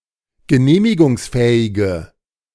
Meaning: inflection of genehmigungsfähig: 1. strong/mixed nominative/accusative feminine singular 2. strong nominative/accusative plural 3. weak nominative all-gender singular
- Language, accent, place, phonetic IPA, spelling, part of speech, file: German, Germany, Berlin, [ɡəˈneːmɪɡʊŋsˌfɛːɪɡə], genehmigungsfähige, adjective, De-genehmigungsfähige.ogg